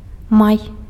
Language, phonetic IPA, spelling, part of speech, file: Belarusian, [maj], май, noun, Be-май.ogg
- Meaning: May